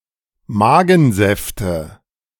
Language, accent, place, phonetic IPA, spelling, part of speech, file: German, Germany, Berlin, [ˈmaːɡn̩ˌzɛftə], Magensäfte, noun, De-Magensäfte.ogg
- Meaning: nominative/accusative/genitive plural of Magensaft